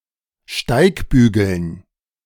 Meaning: dative plural of Steigbügel
- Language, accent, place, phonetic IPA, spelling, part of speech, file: German, Germany, Berlin, [ˈʃtaɪ̯kˌbyːɡl̩n], Steigbügeln, noun, De-Steigbügeln.ogg